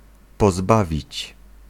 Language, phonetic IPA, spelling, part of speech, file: Polish, [pɔˈzbavʲit͡ɕ], pozbawić, verb, Pl-pozbawić.ogg